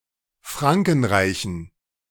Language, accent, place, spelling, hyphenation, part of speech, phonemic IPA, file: German, Germany, Berlin, Frankenreichen, Fran‧ken‧rei‧chen, proper noun, /ˈfʁaŋkn̩ˌʁaɪ̯çn̩/, De-Frankenreichen.ogg
- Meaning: plural of Frankenreich